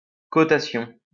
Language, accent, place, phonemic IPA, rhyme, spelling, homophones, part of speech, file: French, France, Lyon, /kɔ.ta.sjɔ̃/, -jɔ̃, cotation, cotations, noun, LL-Q150 (fra)-cotation.wav
- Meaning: quote, quotation